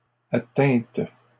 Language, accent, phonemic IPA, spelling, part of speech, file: French, Canada, /a.tɛ̃t/, atteinte, verb / noun, LL-Q150 (fra)-atteinte.wav
- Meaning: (verb) feminine singular of atteint; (noun) attack (à on)